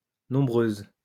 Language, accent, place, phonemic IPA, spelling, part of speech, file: French, France, Lyon, /nɔ̃.bʁøz/, nombreuse, adjective, LL-Q150 (fra)-nombreuse.wav
- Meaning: feminine singular of nombreux